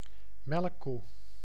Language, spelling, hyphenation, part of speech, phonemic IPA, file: Dutch, melkkoe, melk‧koe, noun, /ˈmɛl.ku/, Nl-melkkoe.ogg
- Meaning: 1. milch cow, dairy cow 2. cash cow